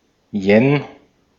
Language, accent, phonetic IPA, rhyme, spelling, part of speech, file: German, Austria, [jɛn], -ɛn, Yen, noun, De-at-Yen.ogg
- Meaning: yen (unit of Japanese currency)